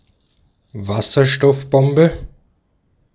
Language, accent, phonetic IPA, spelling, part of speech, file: German, Austria, [ˈvasɐʃtɔfˌbɔmbə], Wasserstoffbombe, noun, De-at-Wasserstoffbombe.ogg
- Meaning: hydrogen bomb